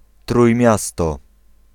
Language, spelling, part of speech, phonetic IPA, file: Polish, Trójmiasto, proper noun, [trujˈmʲjastɔ], Pl-Trójmiasto.ogg